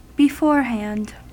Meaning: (adverb) At an earlier or preceding time; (adjective) 1. In comfortable circumstances as regards property; forehanded 2. In a state of anticipation or preoccupation
- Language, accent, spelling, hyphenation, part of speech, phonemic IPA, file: English, US, beforehand, be‧fore‧hand, adverb / adjective, /bɪˈfɔɹhænd/, En-us-beforehand.ogg